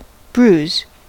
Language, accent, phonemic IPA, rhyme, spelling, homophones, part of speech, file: English, US, /bɹuz/, -uːz, bruise, brews, verb / noun, En-us-bruise.ogg
- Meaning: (verb) To strike (a person), originally with something flat or heavy, but now specifically in such a way as to discolour the skin without breaking it; to contuse